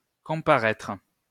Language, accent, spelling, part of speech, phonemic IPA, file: French, France, comparaitre, verb, /kɔ̃.pa.ʁɛtʁ/, LL-Q150 (fra)-comparaitre.wav
- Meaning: alternative spelling of comparaître